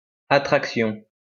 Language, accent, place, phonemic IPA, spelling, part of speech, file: French, France, Lyon, /a.tʁak.sjɔ̃/, attraction, noun, LL-Q150 (fra)-attraction.wav
- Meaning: attraction (all senses)